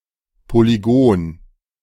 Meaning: polygon
- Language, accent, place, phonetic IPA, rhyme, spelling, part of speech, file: German, Germany, Berlin, [poliˈɡoːn], -oːn, Polygon, noun, De-Polygon.ogg